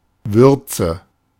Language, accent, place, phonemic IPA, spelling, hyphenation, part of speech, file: German, Germany, Berlin, /ˈvʏʁt͡sə/, Würze, Wür‧ze, noun, De-Würze.ogg
- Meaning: 1. spice, aroma 2. wort